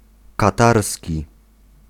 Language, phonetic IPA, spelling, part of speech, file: Polish, [kaˈtarsʲci], katarski, adjective, Pl-katarski.ogg